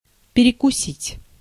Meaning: 1. to cut/bite through, to bite off 2. to have a bite, to have a snack, to snatch a mouthful
- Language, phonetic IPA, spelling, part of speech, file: Russian, [pʲɪrʲɪkʊˈsʲitʲ], перекусить, verb, Ru-перекусить.ogg